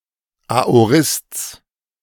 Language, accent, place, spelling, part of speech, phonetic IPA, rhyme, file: German, Germany, Berlin, Aorists, noun, [aoˈʁɪst͡s], -ɪst͡s, De-Aorists.ogg
- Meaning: genitive of Aorist